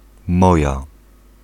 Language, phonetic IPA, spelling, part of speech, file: Polish, [ˈmɔja], moja, pronoun, Pl-moja.ogg